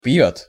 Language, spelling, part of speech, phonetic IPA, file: Russian, пьёт, verb, [p⁽ʲ⁾jɵt], Ru-пьёт.ogg
- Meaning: third-person singular present indicative imperfective of пить (pitʹ)